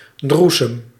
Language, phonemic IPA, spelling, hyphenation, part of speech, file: Dutch, /ˈdru.səm/, droesem, droe‧sem, noun, Nl-droesem.ogg
- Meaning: sediment in a liquid, particularly in wine, dregs